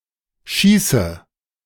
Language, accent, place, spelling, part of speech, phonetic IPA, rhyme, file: German, Germany, Berlin, schieße, verb, [ˈʃiːsə], -iːsə, De-schieße.ogg
- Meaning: inflection of schießen: 1. first-person singular present 2. first/third-person singular subjunctive I 3. singular imperative